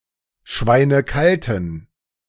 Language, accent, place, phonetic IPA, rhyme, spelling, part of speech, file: German, Germany, Berlin, [ˈʃvaɪ̯nəˈkaltn̩], -altn̩, schweinekalten, adjective, De-schweinekalten.ogg
- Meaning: inflection of schweinekalt: 1. strong genitive masculine/neuter singular 2. weak/mixed genitive/dative all-gender singular 3. strong/weak/mixed accusative masculine singular 4. strong dative plural